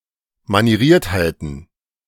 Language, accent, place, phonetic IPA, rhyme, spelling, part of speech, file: German, Germany, Berlin, [maniˈʁiːɐ̯thaɪ̯tn̩], -iːɐ̯thaɪ̯tn̩, Manieriertheiten, noun, De-Manieriertheiten.ogg
- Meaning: plural of Manieriertheit